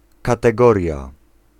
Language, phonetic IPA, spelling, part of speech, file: Polish, [ˌkatɛˈɡɔrʲja], kategoria, noun, Pl-kategoria.ogg